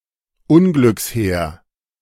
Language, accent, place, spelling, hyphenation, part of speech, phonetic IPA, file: German, Germany, Berlin, Unglückshäher, Un‧glücks‧hä‧her, noun, [ˈʊnɡlʏksˌhɛːɐ], De-Unglückshäher.ogg
- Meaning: 1. Siberian jay (Perisoreus infaustus, a jay widespread in northern Eurasia) 2. gray jay (bird of the genus Perisoreus)